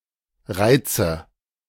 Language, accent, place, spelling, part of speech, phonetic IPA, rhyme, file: German, Germany, Berlin, Reize, noun, [ˈʁaɪ̯t͡sə], -aɪ̯t͡sə, De-Reize.ogg
- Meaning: nominative/accusative/genitive plural of Reiz